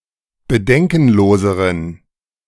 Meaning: inflection of bedenkenlos: 1. strong genitive masculine/neuter singular comparative degree 2. weak/mixed genitive/dative all-gender singular comparative degree
- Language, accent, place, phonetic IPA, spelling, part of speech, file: German, Germany, Berlin, [bəˈdɛŋkn̩ˌloːzəʁən], bedenkenloseren, adjective, De-bedenkenloseren.ogg